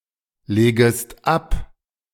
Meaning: second-person singular subjunctive I of ablegen
- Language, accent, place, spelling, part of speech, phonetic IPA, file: German, Germany, Berlin, legest ab, verb, [ˌleːɡəst ˈap], De-legest ab.ogg